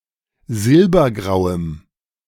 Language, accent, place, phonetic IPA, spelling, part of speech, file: German, Germany, Berlin, [ˈzɪlbɐˌɡʁaʊ̯əm], silbergrauem, adjective, De-silbergrauem.ogg
- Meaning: strong dative masculine/neuter singular of silbergrau